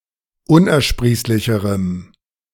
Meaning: strong dative masculine/neuter singular comparative degree of unersprießlich
- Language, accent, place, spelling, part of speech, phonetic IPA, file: German, Germany, Berlin, unersprießlicherem, adjective, [ˈʊnʔɛɐ̯ˌʃpʁiːslɪçəʁəm], De-unersprießlicherem.ogg